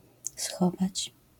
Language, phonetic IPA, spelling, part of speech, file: Polish, [ˈsxɔvat͡ɕ], schować, verb, LL-Q809 (pol)-schować.wav